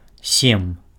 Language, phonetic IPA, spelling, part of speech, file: Belarusian, [sʲem], сем, numeral, Be-сем.ogg
- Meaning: seven (7)